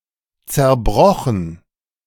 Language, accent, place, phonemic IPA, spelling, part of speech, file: German, Germany, Berlin, /t͡sɛɐ̯ˈbʁɔxn̩/, zerbrochen, verb / adjective, De-zerbrochen.ogg
- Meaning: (verb) past participle of zerbrechen; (adjective) broken